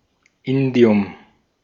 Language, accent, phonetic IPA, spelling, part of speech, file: German, Austria, [ˈɪndi̯ʊm], Indium, noun, De-at-Indium.ogg
- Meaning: indium